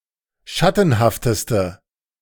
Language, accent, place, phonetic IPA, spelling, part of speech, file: German, Germany, Berlin, [ˈʃatn̩haftəstə], schattenhafteste, adjective, De-schattenhafteste.ogg
- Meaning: inflection of schattenhaft: 1. strong/mixed nominative/accusative feminine singular superlative degree 2. strong nominative/accusative plural superlative degree